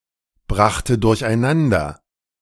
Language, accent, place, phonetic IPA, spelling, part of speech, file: German, Germany, Berlin, [ˌbʁaxtə dʊʁçʔaɪ̯ˈnandɐ], brachte durcheinander, verb, De-brachte durcheinander.ogg
- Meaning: first/third-person singular preterite of durcheinanderbringen